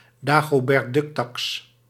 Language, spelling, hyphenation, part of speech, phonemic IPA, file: Dutch, dagobertducktaks, da‧go‧bert‧duck‧taks, noun, /daː.ɣoː.bɛrtˈdʏkˌtɑks/, Nl-dagobertducktaks.ogg
- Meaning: a type of special tax for the wealthiest